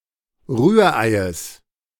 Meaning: genitive of Rührei
- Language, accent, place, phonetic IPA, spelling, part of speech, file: German, Germany, Berlin, [ˈʁyːɐ̯ˌʔaɪ̯əs], Rühreies, noun, De-Rühreies.ogg